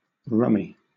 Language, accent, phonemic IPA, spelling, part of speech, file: English, Southern England, /ˈɹʌmɪ/, rummy, noun / adjective, LL-Q1860 (eng)-rummy.wav
- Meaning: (noun) A card game with many rule variants, conceptually similar to mahjong; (adjective) 1. Resembling or tasting of rum 2. Peculiar; odd; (noun) A rum-drinking alcoholic